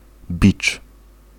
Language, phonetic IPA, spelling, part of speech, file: Polish, [bʲit͡ʃ], bicz, noun, Pl-bicz.ogg